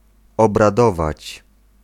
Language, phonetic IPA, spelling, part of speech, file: Polish, [ˌɔbraˈdɔvat͡ɕ], obradować, verb, Pl-obradować.ogg